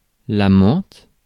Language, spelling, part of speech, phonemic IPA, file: French, menthe, noun, /mɑ̃t/, Fr-menthe.ogg
- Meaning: mint